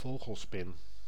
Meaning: 1. true tarantula, spider of the family Theraphosidae 2. any large, hairy spider resembling a tarantula
- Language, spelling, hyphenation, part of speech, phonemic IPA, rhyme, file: Dutch, vogelspin, vo‧gel‧spin, noun, /ˈvoːɣəlˌspɪn/, -oːɣəlspɪn, Nl-vogelspin.ogg